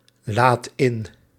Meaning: inflection of inladen: 1. second/third-person singular present indicative 2. plural imperative
- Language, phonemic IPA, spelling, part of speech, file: Dutch, /ˈlat ˈɪn/, laadt in, verb, Nl-laadt in.ogg